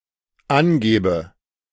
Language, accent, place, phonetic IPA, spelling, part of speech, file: German, Germany, Berlin, [ˈanˌɡɛːbə], angäbe, verb, De-angäbe.ogg
- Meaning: first/third-person singular dependent subjunctive II of angeben